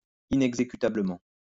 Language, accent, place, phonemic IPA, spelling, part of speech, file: French, France, Lyon, /i.nɛɡ.ze.ky.ta.blə.mɑ̃/, inexécutablement, adverb, LL-Q150 (fra)-inexécutablement.wav
- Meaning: unenforceably